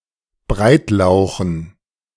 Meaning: dative plural of Breitlauch
- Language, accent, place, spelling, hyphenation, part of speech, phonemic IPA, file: German, Germany, Berlin, Breitlauchen, Breit‧lau‧chen, noun, /ˈbʁaɪ̯tˌlaʊ̯xn̩/, De-Breitlauchen.ogg